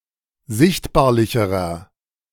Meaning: inflection of sichtbarlich: 1. strong/mixed nominative masculine singular comparative degree 2. strong genitive/dative feminine singular comparative degree 3. strong genitive plural comparative degree
- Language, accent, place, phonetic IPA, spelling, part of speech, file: German, Germany, Berlin, [ˈzɪçtbaːɐ̯lɪçəʁɐ], sichtbarlicherer, adjective, De-sichtbarlicherer.ogg